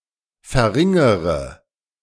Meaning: inflection of verringern: 1. first-person singular present 2. first/third-person singular subjunctive I 3. singular imperative
- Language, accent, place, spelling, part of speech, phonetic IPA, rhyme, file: German, Germany, Berlin, verringere, verb, [fɛɐ̯ˈʁɪŋəʁə], -ɪŋəʁə, De-verringere.ogg